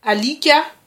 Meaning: dog
- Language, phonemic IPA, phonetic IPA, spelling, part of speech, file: Malagasy, /aˈlika/, [aˈlikʲḁ], alika, noun, Mg-alika.ogg